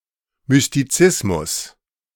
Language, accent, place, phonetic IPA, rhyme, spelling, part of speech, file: German, Germany, Berlin, [mʏstiˈt͡sɪsmʊs], -ɪsmʊs, Mystizismus, noun, De-Mystizismus.ogg
- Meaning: mysticism